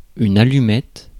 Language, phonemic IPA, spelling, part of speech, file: French, /a.ly.mɛt/, allumette, noun, Fr-allumette.ogg
- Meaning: 1. match (small flammable object) 2. shoestring French fry